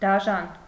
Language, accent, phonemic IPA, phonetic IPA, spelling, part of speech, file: Armenian, Eastern Armenian, /dɑˈʒɑn/, [dɑʒɑ́n], դաժան, adjective, Hy-դաժան.ogg
- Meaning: cruel, harsh, ruthless